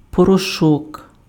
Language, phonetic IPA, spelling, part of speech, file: Ukrainian, [pɔrɔˈʃɔk], порошок, noun, Uk-порошок.ogg
- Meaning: powder